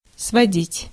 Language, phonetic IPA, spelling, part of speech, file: Russian, [svɐˈdʲitʲ], сводить, verb, Ru-сводить.ogg
- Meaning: 1. to lead, to take (from somewhere) 2. to bring together, to throw together 3. to reduce (to), to bring (to) 4. to remove 5. to trace (a picture) 6. to cramp 7. to take (somewhere)